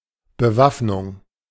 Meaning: arms; armament
- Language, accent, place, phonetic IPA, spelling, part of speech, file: German, Germany, Berlin, [bəˈvafnʊŋ], Bewaffnung, noun, De-Bewaffnung.ogg